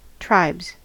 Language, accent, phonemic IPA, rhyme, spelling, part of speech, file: English, US, /tɹaɪbz/, -aɪbz, tribes, noun, En-us-tribes.ogg
- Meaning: plural of tribe